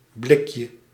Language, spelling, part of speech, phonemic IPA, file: Dutch, blikje, noun, /ˈblɪkjə/, Nl-blikje.ogg
- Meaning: diminutive of blik